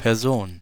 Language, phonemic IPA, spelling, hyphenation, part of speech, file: German, /pɛrˈzoːn/, Person, Per‧son, noun, De-Person.ogg
- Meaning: 1. person, individual 2. someone (often female) who is not proper company, mostly because they are of lower class or doubtful morals